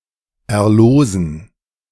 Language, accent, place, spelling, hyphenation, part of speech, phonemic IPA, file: German, Germany, Berlin, erlosen, er‧losen, verb, /ɛɐ̯ˈloːzn̩/, De-erlosen.ogg
- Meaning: to win (e.g. via a lottery, raffle)